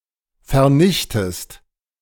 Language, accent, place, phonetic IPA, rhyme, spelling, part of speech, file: German, Germany, Berlin, [fɛɐ̯ˈnɪçtəst], -ɪçtəst, vernichtest, verb, De-vernichtest.ogg
- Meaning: inflection of vernichten: 1. second-person singular present 2. second-person singular subjunctive I